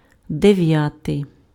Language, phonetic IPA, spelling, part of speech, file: Ukrainian, [deˈʋjatei̯], дев'ятий, adjective, Uk-дев'ятий.ogg
- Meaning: ninth